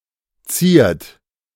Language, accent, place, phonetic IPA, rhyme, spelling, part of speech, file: German, Germany, Berlin, [t͡siːɐ̯t], -iːɐ̯t, ziert, verb, De-ziert.ogg
- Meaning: inflection of zieren: 1. third-person singular present 2. second-person plural present 3. plural imperative